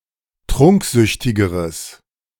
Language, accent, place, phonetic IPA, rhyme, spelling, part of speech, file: German, Germany, Berlin, [ˈtʁʊŋkˌzʏçtɪɡəʁəs], -ʊŋkzʏçtɪɡəʁəs, trunksüchtigeres, adjective, De-trunksüchtigeres.ogg
- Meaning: strong/mixed nominative/accusative neuter singular comparative degree of trunksüchtig